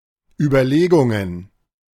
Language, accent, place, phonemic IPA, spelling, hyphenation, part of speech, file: German, Germany, Berlin, /ybɐˈleːɡʊŋən/, Überlegungen, Ü‧ber‧le‧gun‧gen, noun, De-Überlegungen.ogg
- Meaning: plural of Überlegung